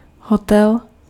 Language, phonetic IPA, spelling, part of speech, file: Czech, [ˈɦotɛl], hotel, noun, Cs-hotel.ogg
- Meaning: hotel